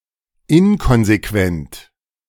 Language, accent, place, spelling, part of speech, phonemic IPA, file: German, Germany, Berlin, inkonsequent, adjective, /ˈɪnkɔnzeˌkvɛnt/, De-inkonsequent.ogg
- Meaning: inconsistent